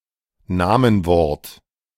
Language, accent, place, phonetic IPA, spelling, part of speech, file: German, Germany, Berlin, [ˈnaːmənˌvɔʁt], Namenwort, noun, De-Namenwort.ogg
- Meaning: 1. a part of speech which can be declined, i.e. substantive, adjective, numeral, article or pronoun 2. a substantive or adjective